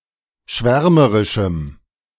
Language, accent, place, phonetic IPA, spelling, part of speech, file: German, Germany, Berlin, [ˈʃvɛʁməʁɪʃm̩], schwärmerischem, adjective, De-schwärmerischem.ogg
- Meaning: strong dative masculine/neuter singular of schwärmerisch